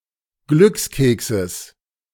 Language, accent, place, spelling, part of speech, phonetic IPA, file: German, Germany, Berlin, Glückskekses, noun, [ˈɡlʏksˌkeːksəs], De-Glückskekses.ogg
- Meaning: genitive singular of Glückskeks